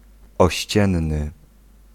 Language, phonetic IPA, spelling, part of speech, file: Polish, [ɔˈɕt͡ɕɛ̃nːɨ], ościenny, adjective, Pl-ościenny.ogg